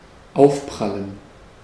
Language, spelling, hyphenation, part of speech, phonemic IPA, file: German, aufprallen, auf‧pral‧len, verb, /ˈaʊ̯fˌpʁalən/, De-aufprallen.ogg
- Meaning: to impinge, to impact